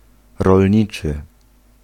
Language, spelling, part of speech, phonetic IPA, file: Polish, rolniczy, adjective, [rɔlʲˈɲit͡ʃɨ], Pl-rolniczy.ogg